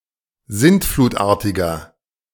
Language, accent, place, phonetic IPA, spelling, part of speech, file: German, Germany, Berlin, [ˈzɪntfluːtˌʔaːɐ̯tɪɡɐ], sintflutartiger, adjective, De-sintflutartiger.ogg
- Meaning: inflection of sintflutartig: 1. strong/mixed nominative masculine singular 2. strong genitive/dative feminine singular 3. strong genitive plural